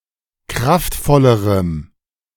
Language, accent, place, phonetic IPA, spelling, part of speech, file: German, Germany, Berlin, [ˈkʁaftˌfɔləʁəm], kraftvollerem, adjective, De-kraftvollerem.ogg
- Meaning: strong dative masculine/neuter singular comparative degree of kraftvoll